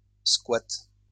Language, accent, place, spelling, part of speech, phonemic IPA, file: French, France, Lyon, squat, noun, /skwat/, LL-Q150 (fra)-squat.wav
- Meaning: 1. squat (building occupied without permission, as practiced by a squatter) 2. uninvited presence in a building or place (the result of which can be welcomed) 3. squat effect 4. Squat